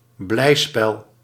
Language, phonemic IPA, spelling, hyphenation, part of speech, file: Dutch, /ˈblɛi̯.spɛl/, blijspel, blij‧spel, noun, Nl-blijspel.ogg
- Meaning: a drama that is light and humorous; a comedy